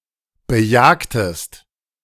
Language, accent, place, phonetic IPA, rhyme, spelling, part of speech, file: German, Germany, Berlin, [bəˈjaːktəst], -aːktəst, bejagtest, verb, De-bejagtest.ogg
- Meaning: inflection of bejagen: 1. second-person singular preterite 2. second-person singular subjunctive II